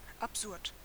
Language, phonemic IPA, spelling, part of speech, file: German, /apˈzʊʁt/, absurd, adjective, De-absurd.ogg
- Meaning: absurd